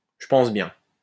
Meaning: I think so
- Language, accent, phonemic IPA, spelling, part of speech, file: French, France, /ʒə pɑ̃s bjɛ̃/, je pense bien, phrase, LL-Q150 (fra)-je pense bien.wav